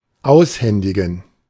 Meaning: to hand over
- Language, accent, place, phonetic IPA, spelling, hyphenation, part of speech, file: German, Germany, Berlin, [ˈaʊ̯sˌhɛndɪɡŋ̍], aushändigen, aus‧hän‧di‧gen, verb, De-aushändigen.ogg